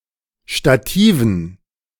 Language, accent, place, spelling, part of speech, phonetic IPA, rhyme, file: German, Germany, Berlin, Stativen, noun, [ʃtaˈtiːvn̩], -iːvn̩, De-Stativen.ogg
- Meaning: dative plural of Stativ